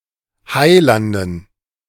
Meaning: dative plural of Heiland
- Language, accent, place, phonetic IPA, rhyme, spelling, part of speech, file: German, Germany, Berlin, [ˈhaɪ̯ˌlandn̩], -aɪ̯landn̩, Heilanden, noun, De-Heilanden.ogg